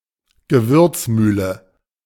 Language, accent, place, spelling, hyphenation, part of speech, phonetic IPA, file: German, Germany, Berlin, Gewürzmühle, Ge‧würz‧müh‧le, noun, [ɡəˈvʏʁt͡sˌmyːlə], De-Gewürzmühle.ogg
- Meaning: spice grinder